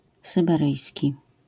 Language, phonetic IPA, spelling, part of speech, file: Polish, [ˌsɨbɛˈrɨjsʲci], syberyjski, adjective, LL-Q809 (pol)-syberyjski.wav